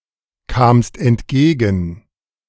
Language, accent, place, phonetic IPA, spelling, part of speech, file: German, Germany, Berlin, [ˌkaːmst ɛntˈɡeːɡn̩], kamst entgegen, verb, De-kamst entgegen.ogg
- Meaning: second-person singular preterite of entgegenkommen